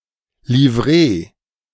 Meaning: livery (distinctive identifying uniform)
- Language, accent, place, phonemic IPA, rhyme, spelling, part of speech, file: German, Germany, Berlin, /liˈvʁeː/, -eː, Livree, noun, De-Livree.ogg